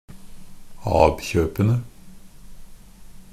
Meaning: definite plural of ab-kjøp
- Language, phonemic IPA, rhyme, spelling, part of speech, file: Norwegian Bokmål, /ˈɑːb.çøːpənə/, -ənə, ab-kjøpene, noun, NB - Pronunciation of Norwegian Bokmål «ab-kjøpene».ogg